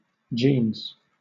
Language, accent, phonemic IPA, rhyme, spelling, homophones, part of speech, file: English, Southern England, /d͡ʒiːnz/, -iːnz, jeans, genes, noun, LL-Q1860 (eng)-jeans.wav
- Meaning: 1. A pair of trousers made from denim cotton 2. plural of jean